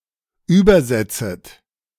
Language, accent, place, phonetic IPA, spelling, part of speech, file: German, Germany, Berlin, [ˈyːbɐˌzɛt͡sət], übersetzet, verb, De-übersetzet.ogg
- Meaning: second-person plural subjunctive I of übersetzen